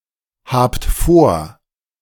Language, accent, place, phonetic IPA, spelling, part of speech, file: German, Germany, Berlin, [ˌhaːpt ˈfoːɐ̯], habt vor, verb, De-habt vor.ogg
- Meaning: inflection of vorhaben: 1. second-person plural present 2. plural imperative